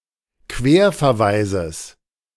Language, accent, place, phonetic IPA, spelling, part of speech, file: German, Germany, Berlin, [ˈkveːɐ̯fɛɐ̯ˌvaɪ̯zəs], Querverweises, noun, De-Querverweises.ogg
- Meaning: genitive singular of Querverweis